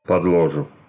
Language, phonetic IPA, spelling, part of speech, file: Russian, [pədɫɐˈʐu], подложу, verb, Ru-подло́жу.ogg
- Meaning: first-person singular future indicative perfective of подложи́ть (podložítʹ)